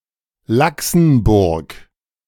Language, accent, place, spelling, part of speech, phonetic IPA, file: German, Germany, Berlin, Laxenburg, proper noun, [ˈlaksn̩ˌbʊʁk], De-Laxenburg.ogg
- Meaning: a municipality of Lower Austria, Austria